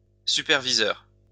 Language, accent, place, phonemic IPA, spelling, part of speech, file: French, France, Lyon, /sy.pɛʁ.vi.zœʁ/, superviseur, noun, LL-Q150 (fra)-superviseur.wav
- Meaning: 1. supervisor (a person with the official task of overseeing the work of a person or group) 2. supervisor